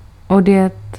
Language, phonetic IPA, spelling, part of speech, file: Czech, [ˈodjɛt], odjet, verb, Cs-odjet.ogg
- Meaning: to depart (by vehicle)